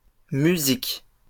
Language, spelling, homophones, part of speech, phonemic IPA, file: French, musiques, musique / musiquent, noun, /my.zik/, LL-Q150 (fra)-musiques.wav
- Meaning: plural of musique